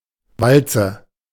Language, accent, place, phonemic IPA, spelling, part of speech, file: German, Germany, Berlin, /ˈvaltsə/, Walze, noun, De-Walze.ogg
- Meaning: roll, cylinder